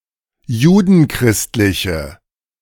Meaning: inflection of judenchristlich: 1. strong/mixed nominative/accusative feminine singular 2. strong nominative/accusative plural 3. weak nominative all-gender singular
- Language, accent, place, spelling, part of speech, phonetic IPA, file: German, Germany, Berlin, judenchristliche, adjective, [ˈjuːdn̩ˌkʁɪstlɪçə], De-judenchristliche.ogg